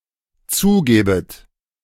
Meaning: second-person plural dependent subjunctive II of zugeben
- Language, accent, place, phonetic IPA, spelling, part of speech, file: German, Germany, Berlin, [ˈt͡suːˌɡɛːbət], zugäbet, verb, De-zugäbet.ogg